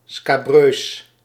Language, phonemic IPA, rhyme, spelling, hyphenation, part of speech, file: Dutch, /skaːˈbrøːs/, -øːs, scabreus, sca‧breus, adjective, Nl-scabreus.ogg
- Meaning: scabrous, sleazy, obscene, scandalous